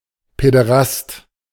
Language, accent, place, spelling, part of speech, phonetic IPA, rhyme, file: German, Germany, Berlin, Päderast, noun, [pɛdəˈʁast], -ast, De-Päderast.ogg
- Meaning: pederast, paederast